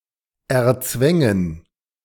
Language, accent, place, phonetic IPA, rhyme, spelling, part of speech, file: German, Germany, Berlin, [ɛɐ̯ˈt͡svɛŋən], -ɛŋən, erzwängen, verb, De-erzwängen.ogg
- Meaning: first/third-person plural subjunctive II of erzwingen